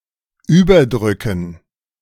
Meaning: dative plural of Überdruck
- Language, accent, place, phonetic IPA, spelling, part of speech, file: German, Germany, Berlin, [ˈyːbɐˌdʁʏkn̩], Überdrücken, noun, De-Überdrücken.ogg